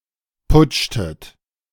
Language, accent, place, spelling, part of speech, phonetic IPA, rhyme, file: German, Germany, Berlin, putschtet, verb, [ˈpʊt͡ʃtət], -ʊt͡ʃtət, De-putschtet.ogg
- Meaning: inflection of putschen: 1. second-person plural preterite 2. second-person plural subjunctive II